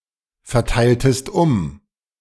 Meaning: inflection of umverteilen: 1. second-person singular preterite 2. second-person singular subjunctive II
- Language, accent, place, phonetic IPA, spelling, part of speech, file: German, Germany, Berlin, [fɛɐ̯ˌtaɪ̯ltəst ˈʊm], verteiltest um, verb, De-verteiltest um.ogg